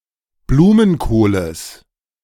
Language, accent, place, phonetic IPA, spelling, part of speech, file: German, Germany, Berlin, [ˈbluːmənˌkoːləs], Blumenkohles, noun, De-Blumenkohles.ogg
- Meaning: genitive singular of Blumenkohl